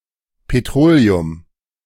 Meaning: 1. petroleum 2. paraffin, kerosene
- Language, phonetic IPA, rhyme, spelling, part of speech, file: German, [peˈtʁoːleʊm], -oːleʊm, Petroleum, noun, De-Petroleum.ogg